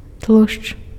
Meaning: fat (a water-insoluble oily substance found in animal and plant tissues)
- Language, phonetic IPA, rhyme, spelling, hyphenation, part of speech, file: Belarusian, [tɫuʂt͡ʂ], -uʂt͡ʂ, тлушч, тлушч, noun, Be-тлушч.ogg